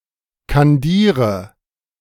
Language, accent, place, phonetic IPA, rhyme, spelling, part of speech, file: German, Germany, Berlin, [kanˈdiːʁə], -iːʁə, kandiere, verb, De-kandiere.ogg
- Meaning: inflection of kandieren: 1. first-person singular present 2. first/third-person singular subjunctive I 3. singular imperative